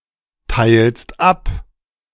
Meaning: second-person singular present of abteilen
- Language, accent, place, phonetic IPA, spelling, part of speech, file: German, Germany, Berlin, [ˌtaɪ̯lst ˈap], teilst ab, verb, De-teilst ab.ogg